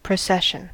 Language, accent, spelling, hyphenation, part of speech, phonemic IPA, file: English, US, procession, pro‧ces‧sion, noun / verb, /pɹəˈsɛʃən/, En-us-procession.ogg
- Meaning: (noun) 1. The act of progressing or proceeding 2. A group of people or things moving along in an orderly, stately, or solemn manner; a train of persons advancing in order; a retinue